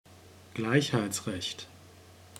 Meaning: equal rights
- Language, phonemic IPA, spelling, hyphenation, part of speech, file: German, /ˈɡlaɪ̯çhaɪ̯t͡sˌʁɛçt/, Gleichheitsrecht, Gleich‧heits‧recht, noun, De-Gleichheitsrecht.ogg